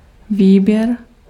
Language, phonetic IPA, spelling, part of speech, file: Czech, [ˈviːbjɛr], výběr, noun, Cs-výběr.ogg
- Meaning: 1. selection (process or act) 2. choice 3. withdrawal (taking out money from an account)